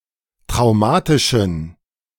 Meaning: inflection of traumatisch: 1. strong genitive masculine/neuter singular 2. weak/mixed genitive/dative all-gender singular 3. strong/weak/mixed accusative masculine singular 4. strong dative plural
- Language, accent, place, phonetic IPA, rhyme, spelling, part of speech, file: German, Germany, Berlin, [tʁaʊ̯ˈmaːtɪʃn̩], -aːtɪʃn̩, traumatischen, adjective, De-traumatischen.ogg